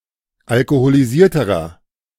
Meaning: inflection of alkoholisiert: 1. strong/mixed nominative masculine singular comparative degree 2. strong genitive/dative feminine singular comparative degree
- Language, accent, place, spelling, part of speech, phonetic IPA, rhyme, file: German, Germany, Berlin, alkoholisierterer, adjective, [alkoholiˈziːɐ̯təʁɐ], -iːɐ̯təʁɐ, De-alkoholisierterer.ogg